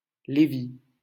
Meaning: Levi (third son of Jacob)
- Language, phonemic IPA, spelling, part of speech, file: French, /le.vi/, Lévi, proper noun, LL-Q150 (fra)-Lévi.wav